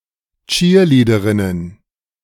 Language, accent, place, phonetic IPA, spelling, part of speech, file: German, Germany, Berlin, [ˈt͡ʃiːɐ̯ˌliːdəʁɪnən], Cheerleaderinnen, noun, De-Cheerleaderinnen.ogg
- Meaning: plural of Cheerleaderin